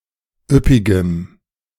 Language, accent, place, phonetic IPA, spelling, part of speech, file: German, Germany, Berlin, [ˈʏpɪɡəm], üppigem, adjective, De-üppigem.ogg
- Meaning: strong dative masculine/neuter singular of üppig